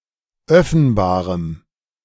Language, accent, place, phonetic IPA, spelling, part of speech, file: German, Germany, Berlin, [ˈœfn̩baːʁəm], öffenbarem, adjective, De-öffenbarem.ogg
- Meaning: strong dative masculine/neuter singular of öffenbar